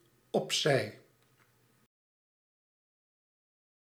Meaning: aside, to the side
- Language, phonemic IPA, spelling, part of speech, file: Dutch, /ɔpˈsɛi/, opzij, adverb, Nl-opzij.ogg